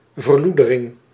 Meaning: degradation, degeneration, dilapidation
- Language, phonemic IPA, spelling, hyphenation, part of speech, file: Dutch, /vərˈlu.də.rɪŋ/, verloedering, ver‧loe‧de‧ring, noun, Nl-verloedering.ogg